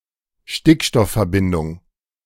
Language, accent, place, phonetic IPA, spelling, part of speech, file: German, Germany, Berlin, [ˈʃtɪkʃtɔffɛɐ̯ˌbɪndʊŋ], Stickstoffverbindung, noun, De-Stickstoffverbindung.ogg
- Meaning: nitrogen compound